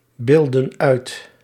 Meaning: inflection of uitbeelden: 1. plural past indicative 2. plural past subjunctive
- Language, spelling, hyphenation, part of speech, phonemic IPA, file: Dutch, beeldden uit, beeld‧den uit, verb, /ˌbeːl.də(n)ˈœy̯t/, Nl-beeldden uit.ogg